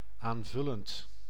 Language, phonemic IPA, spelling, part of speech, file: Dutch, /aɱˈvʏlənt/, aanvullend, adjective / verb, Nl-aanvullend.ogg
- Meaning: present participle of aanvullen